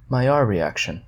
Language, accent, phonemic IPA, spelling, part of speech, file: English, US, /maɪˈjɑː(ɹ)ɹiˈækʃən/, Maillard reaction, noun, En-us-Maillard-reaction.ogg
- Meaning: The condensation reaction of an amino acid and a reducing sugar, followed by polymerization to form brown pigments - melanoidins; one of the causes of browning during cooking